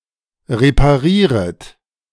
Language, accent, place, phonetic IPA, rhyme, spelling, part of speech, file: German, Germany, Berlin, [ʁepaˈʁiːʁət], -iːʁət, reparieret, verb, De-reparieret.ogg
- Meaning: second-person plural subjunctive I of reparieren